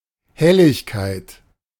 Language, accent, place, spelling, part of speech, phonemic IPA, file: German, Germany, Berlin, Helligkeit, noun, /ˈhɛlɪçkaɪ̯t/, De-Helligkeit.ogg
- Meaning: brightness